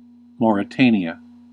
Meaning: A country in West Africa. Official name: Islamic Republic of Mauritania. Capital: Nouakchott
- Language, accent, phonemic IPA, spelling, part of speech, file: English, US, /ˌmoɹɪˈteɪni.ə/, Mauritania, proper noun, En-us-Mauritania.ogg